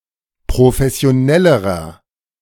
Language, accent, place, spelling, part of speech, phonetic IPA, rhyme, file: German, Germany, Berlin, professionellerer, adjective, [pʁofɛsi̯oˈnɛləʁɐ], -ɛləʁɐ, De-professionellerer.ogg
- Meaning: inflection of professionell: 1. strong/mixed nominative masculine singular comparative degree 2. strong genitive/dative feminine singular comparative degree